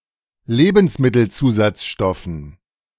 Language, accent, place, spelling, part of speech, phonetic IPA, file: German, Germany, Berlin, Lebensmittelzusatzstoffen, noun, [ˈleːbn̩smɪtl̩ˌt͡suːzat͡sʃtɔfn̩], De-Lebensmittelzusatzstoffen.ogg
- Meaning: dative plural of Lebensmittelzusatzstoff